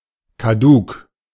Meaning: decayed
- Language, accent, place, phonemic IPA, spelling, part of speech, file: German, Germany, Berlin, /kaˈduːk/, kaduk, adjective, De-kaduk.ogg